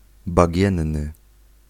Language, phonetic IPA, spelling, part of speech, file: Polish, [baˈɟɛ̃nːɨ], bagienny, adjective, Pl-bagienny.ogg